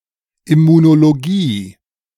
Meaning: immunology
- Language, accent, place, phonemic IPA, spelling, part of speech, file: German, Germany, Berlin, /ɪmunoloˈɡiː/, Immunologie, noun, De-Immunologie.ogg